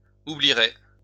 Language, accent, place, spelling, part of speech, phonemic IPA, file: French, France, Lyon, oublierais, verb, /u.bli.ʁɛ/, LL-Q150 (fra)-oublierais.wav
- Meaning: first/second-person singular conditional of oublier